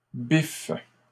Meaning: second-person singular present indicative/subjunctive of biffer
- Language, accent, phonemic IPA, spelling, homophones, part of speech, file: French, Canada, /bif/, biffes, biffe / biffent, verb, LL-Q150 (fra)-biffes.wav